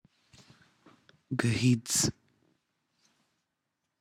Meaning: morning
- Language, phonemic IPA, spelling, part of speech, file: Pashto, /ɡəhid͡z/, ګهيځ, noun, Gahiz.wav